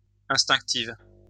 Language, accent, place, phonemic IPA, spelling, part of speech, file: French, France, Lyon, /ɛ̃s.tɛ̃k.tiv/, instinctive, adjective, LL-Q150 (fra)-instinctive.wav
- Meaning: feminine singular of instinctif